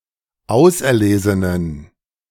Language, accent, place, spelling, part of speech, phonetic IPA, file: German, Germany, Berlin, auserlesenen, adjective, [ˈaʊ̯sʔɛɐ̯ˌleːzənən], De-auserlesenen.ogg
- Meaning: inflection of auserlesen: 1. strong genitive masculine/neuter singular 2. weak/mixed genitive/dative all-gender singular 3. strong/weak/mixed accusative masculine singular 4. strong dative plural